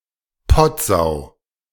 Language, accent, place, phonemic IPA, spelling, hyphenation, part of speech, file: German, Germany, Berlin, /ˈpɔtˌzaʊ̯/, Pottsau, Pott‧sau, noun, De-Pottsau.ogg
- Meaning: filthy pig